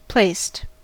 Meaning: simple past and past participle of place
- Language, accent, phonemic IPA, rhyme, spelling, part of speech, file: English, US, /pleɪst/, -eɪst, placed, verb, En-us-placed.ogg